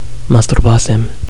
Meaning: first-person singular pluperfect indicative of masturba: I had masturbated (another)
- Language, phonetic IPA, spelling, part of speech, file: Romanian, [mas.turˈba.sem], masturbasem, verb, Ro-masturbasem.ogg